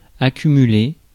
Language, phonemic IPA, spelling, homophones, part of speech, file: French, /a.ky.my.le/, accumuler, accumulai / accumulé / accumulée / accumulées / accumulés / accumulez, verb, Fr-accumuler.ogg
- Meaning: to accumulate